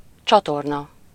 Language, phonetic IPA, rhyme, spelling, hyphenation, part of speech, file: Hungarian, [ˈt͡ʃɒtornɒ], -nɒ, csatorna, csa‧tor‧na, noun, Hu-csatorna.ogg
- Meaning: 1. canal 2. channel 3. river (undesirable visual effect caused by coinciding word spaces in consecutive rows of a text)